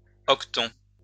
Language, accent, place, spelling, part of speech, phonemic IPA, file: French, France, Lyon, hoqueton, noun, /ɔk.tɔ̃/, LL-Q150 (fra)-hoqueton.wav
- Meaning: aketon, acton, haqueton